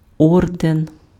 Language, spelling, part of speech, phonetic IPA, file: Ukrainian, орден, noun, [ˈɔrden], Uk-орден.ogg
- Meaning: 1. decoration, order 2. order